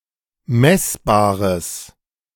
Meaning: strong/mixed nominative/accusative neuter singular of messbar
- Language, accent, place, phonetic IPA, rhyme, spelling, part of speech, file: German, Germany, Berlin, [ˈmɛsbaːʁəs], -ɛsbaːʁəs, messbares, adjective, De-messbares.ogg